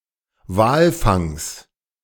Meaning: genitive singular of Walfang
- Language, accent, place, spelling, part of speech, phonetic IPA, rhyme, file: German, Germany, Berlin, Walfangs, noun, [ˈvaːlˌfaŋs], -aːlfaŋs, De-Walfangs.ogg